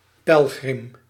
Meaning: pilgrim
- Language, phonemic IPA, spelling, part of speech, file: Dutch, /pɛlgrɪm/, pelgrim, noun, Nl-pelgrim.ogg